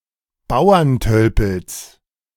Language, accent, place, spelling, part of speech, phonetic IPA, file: German, Germany, Berlin, Bauerntölpels, noun, [ˈbaʊ̯ɐnˌtœlpl̩s], De-Bauerntölpels.ogg
- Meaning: genitive singular of Bauerntölpel